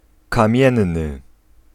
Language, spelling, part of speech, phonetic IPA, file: Polish, kamienny, adjective, [kãˈmʲjɛ̃nːɨ], Pl-kamienny.ogg